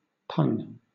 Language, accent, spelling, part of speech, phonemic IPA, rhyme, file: English, Southern England, pun, verb / noun, /pʌn/, -ʌn, LL-Q1860 (eng)-pun.wav
- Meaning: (verb) 1. To beat; strike with force; to ram; to pound, as in a mortar; reduce to powder, to pulverize 2. To make or tell a pun; to make a play on words